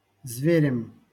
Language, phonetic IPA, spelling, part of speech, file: Russian, [ˈzvʲerʲɪm], зверем, noun, LL-Q7737 (rus)-зверем.wav
- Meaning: instrumental singular of зверь (zverʹ)